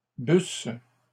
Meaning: second-person singular imperfect subjunctive of boire
- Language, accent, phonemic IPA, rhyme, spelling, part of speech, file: French, Canada, /bys/, -ys, busses, verb, LL-Q150 (fra)-busses.wav